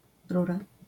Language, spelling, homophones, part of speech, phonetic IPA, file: Polish, rura, Ruhra, noun / interjection, [ˈrura], LL-Q809 (pol)-rura.wav